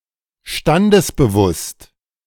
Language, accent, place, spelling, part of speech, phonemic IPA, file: German, Germany, Berlin, standesbewusst, adjective, /ˈʃtandəsbəˌvʊst/, De-standesbewusst.ogg
- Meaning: in accordance with social status